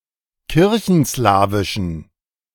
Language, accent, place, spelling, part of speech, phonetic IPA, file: German, Germany, Berlin, kirchenslawischen, adjective, [ˈkɪʁçn̩ˌslaːvɪʃn̩], De-kirchenslawischen.ogg
- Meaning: inflection of kirchenslawisch: 1. strong genitive masculine/neuter singular 2. weak/mixed genitive/dative all-gender singular 3. strong/weak/mixed accusative masculine singular 4. strong dative plural